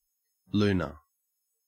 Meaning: A luna moth: a member of species Actias luna
- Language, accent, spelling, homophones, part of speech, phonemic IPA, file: English, Australia, luna, lunar, noun, /ˈlʉːnə/, En-au-luna.ogg